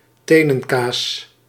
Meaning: toe cheese; toe jam
- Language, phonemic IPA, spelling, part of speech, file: Dutch, /ˈteː.nə(n)ˌkaːs/, tenenkaas, noun, Nl-tenenkaas.ogg